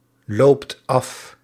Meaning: inflection of aflopen: 1. second/third-person singular present indicative 2. plural imperative
- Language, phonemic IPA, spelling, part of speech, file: Dutch, /ˈlopt ˈɑf/, loopt af, verb, Nl-loopt af.ogg